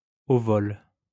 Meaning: 1. while an object is still moving through the air, in flight 2. on the fly
- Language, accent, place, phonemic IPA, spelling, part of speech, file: French, France, Lyon, /o vɔl/, au vol, adverb, LL-Q150 (fra)-au vol.wav